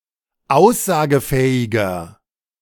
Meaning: 1. comparative degree of aussagefähig 2. inflection of aussagefähig: strong/mixed nominative masculine singular 3. inflection of aussagefähig: strong genitive/dative feminine singular
- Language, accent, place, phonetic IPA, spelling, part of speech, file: German, Germany, Berlin, [ˈaʊ̯szaːɡəˌfɛːɪɡɐ], aussagefähiger, adjective, De-aussagefähiger.ogg